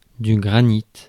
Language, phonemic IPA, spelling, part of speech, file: French, /ɡʁa.nit/, granit, noun, Fr-granit.ogg
- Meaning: granite (general or commercial term)